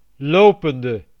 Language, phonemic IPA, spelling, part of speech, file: Dutch, /ˈlopəndə/, lopende, preposition / verb / adjective, Nl-lopende.ogg
- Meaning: inflection of lopend: 1. masculine/feminine singular attributive 2. definite neuter singular attributive 3. plural attributive